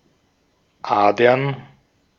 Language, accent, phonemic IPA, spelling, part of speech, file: German, Austria, /ˈʔaːdɐn/, Adern, noun, De-at-Adern.ogg
- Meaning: plural of Ader